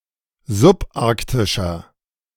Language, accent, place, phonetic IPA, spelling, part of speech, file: German, Germany, Berlin, [zʊpˈʔaʁktɪʃɐ], subarktischer, adjective, De-subarktischer.ogg
- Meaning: inflection of subarktisch: 1. strong/mixed nominative masculine singular 2. strong genitive/dative feminine singular 3. strong genitive plural